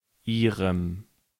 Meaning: dative masculine/neuter singular of ihr: her, its, their (referring to a masculine or neuter object in the dative case)
- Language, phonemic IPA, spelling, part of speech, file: German, /ʔˈiːʁəm/, ihrem, determiner, De-ihrem.ogg